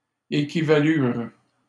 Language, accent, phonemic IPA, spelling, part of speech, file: French, Canada, /e.ki.va.lyʁ/, équivalurent, verb, LL-Q150 (fra)-équivalurent.wav
- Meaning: third-person plural past historic of équivaloir